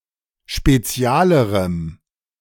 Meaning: strong dative masculine/neuter singular comparative degree of spezial
- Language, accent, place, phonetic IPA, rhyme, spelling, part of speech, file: German, Germany, Berlin, [ʃpeˈt͡si̯aːləʁəm], -aːləʁəm, spezialerem, adjective, De-spezialerem.ogg